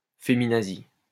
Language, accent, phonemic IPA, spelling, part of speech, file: French, France, /fe.mi.na.zi/, féminazi, adjective / noun, LL-Q150 (fra)-féminazi.wav
- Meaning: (adjective) feminazi